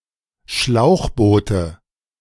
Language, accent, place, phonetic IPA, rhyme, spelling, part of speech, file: German, Germany, Berlin, [ˈʃlaʊ̯xˌboːtə], -aʊ̯xboːtə, Schlauchboote, noun, De-Schlauchboote.ogg
- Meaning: nominative/accusative/genitive plural of Schlauchboot